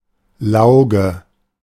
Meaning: lye
- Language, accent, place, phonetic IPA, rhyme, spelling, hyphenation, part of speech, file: German, Germany, Berlin, [ˈlaʊ̯ɡə], -aʊ̯ɡə, Lauge, Lau‧ge, noun, De-Lauge.ogg